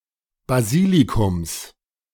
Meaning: genitive singular of Basilikum
- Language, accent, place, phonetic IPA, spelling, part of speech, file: German, Germany, Berlin, [baˈziːlikʊms], Basilikums, noun, De-Basilikums.ogg